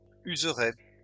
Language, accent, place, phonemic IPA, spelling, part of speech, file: French, France, Lyon, /yz.ʁe/, userai, verb, LL-Q150 (fra)-userai.wav
- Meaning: first-person singular simple future of user